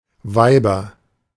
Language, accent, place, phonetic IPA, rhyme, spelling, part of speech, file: German, Germany, Berlin, [ˈvaɪ̯bɐ], -aɪ̯bɐ, Weiber, noun, De-Weiber.ogg
- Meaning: nominative/accusative/genitive plural of Weib